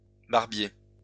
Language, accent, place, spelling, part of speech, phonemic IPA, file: French, France, Lyon, barbiers, noun, /baʁ.bje/, LL-Q150 (fra)-barbiers.wav
- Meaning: plural of barbier